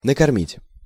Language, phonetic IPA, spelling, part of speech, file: Russian, [nəkɐrˈmʲitʲ], накормить, verb, Ru-накормить.ogg
- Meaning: 1. to feed 2. to keep, to maintain